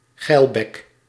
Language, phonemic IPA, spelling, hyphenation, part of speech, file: Dutch, /ˈɣɛi̯l.bɛk/, geilbek, geil‧bek, noun, Nl-geilbek.ogg
- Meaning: lecher, horny person